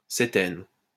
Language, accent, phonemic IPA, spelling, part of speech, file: French, France, /se.tɛn/, cétène, noun, LL-Q150 (fra)-cétène.wav
- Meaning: ketene